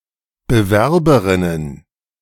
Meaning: plural of Bewerberin
- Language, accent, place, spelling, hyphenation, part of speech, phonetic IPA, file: German, Germany, Berlin, Bewerberinnen, Be‧wer‧be‧rin‧nen, noun, [bəˈvɛʁbəʀɪnən], De-Bewerberinnen.ogg